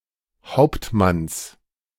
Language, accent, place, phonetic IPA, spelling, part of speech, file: German, Germany, Berlin, [ˈhaʊ̯ptˌmans], Hauptmanns, noun, De-Hauptmanns.ogg
- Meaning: genitive singular of Hauptmann